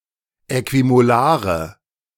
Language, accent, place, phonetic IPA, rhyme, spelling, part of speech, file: German, Germany, Berlin, [ˌɛkvimoˈlaːʁə], -aːʁə, äquimolare, adjective, De-äquimolare.ogg
- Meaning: inflection of äquimolar: 1. strong/mixed nominative/accusative feminine singular 2. strong nominative/accusative plural 3. weak nominative all-gender singular